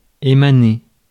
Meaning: 1. to emanate, to come (from) 2. to radiate
- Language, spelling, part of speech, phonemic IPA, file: French, émaner, verb, /e.ma.ne/, Fr-émaner.ogg